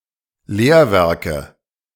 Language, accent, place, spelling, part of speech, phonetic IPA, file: German, Germany, Berlin, Lehrwerke, noun, [ˈleːɐ̯ˌvɛʁkə], De-Lehrwerke.ogg
- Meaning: nominative/accusative/genitive plural of Lehrwerk